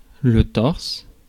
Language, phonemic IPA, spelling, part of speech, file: French, /tɔʁs/, torse, noun / adjective, Fr-torse.ogg
- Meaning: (noun) torso; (adjective) feminine singular of tors